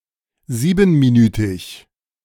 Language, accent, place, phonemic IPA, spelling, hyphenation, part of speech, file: German, Germany, Berlin, /ˈziːbən.miˌnyːtɪç/, siebenminütig, sie‧ben‧mi‧nü‧tig, adjective, De-siebenminütig.ogg
- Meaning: seven-minute